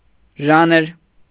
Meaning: genre
- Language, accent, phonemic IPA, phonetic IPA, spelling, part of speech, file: Armenian, Eastern Armenian, /ˈʒɑnəɾ/, [ʒɑ́nəɾ], ժանր, noun, Hy-ժանր.ogg